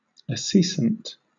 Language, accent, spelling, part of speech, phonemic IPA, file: English, Southern England, acescent, adjective / noun, /əˈsiːsənt/, LL-Q1860 (eng)-acescent.wav
- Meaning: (adjective) Turning sour; readily becoming tart or acid; slightly sour; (noun) A substance liable to become sour